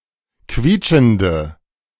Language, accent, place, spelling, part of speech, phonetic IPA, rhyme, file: German, Germany, Berlin, quietschende, adjective, [ˈkviːt͡ʃn̩də], -iːt͡ʃn̩də, De-quietschende.ogg
- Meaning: inflection of quietschend: 1. strong/mixed nominative/accusative feminine singular 2. strong nominative/accusative plural 3. weak nominative all-gender singular